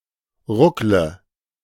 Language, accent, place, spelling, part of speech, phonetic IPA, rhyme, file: German, Germany, Berlin, ruckle, verb, [ˈʁʊklə], -ʊklə, De-ruckle.ogg
- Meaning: inflection of ruckeln: 1. first-person singular present 2. singular imperative 3. first/third-person singular subjunctive I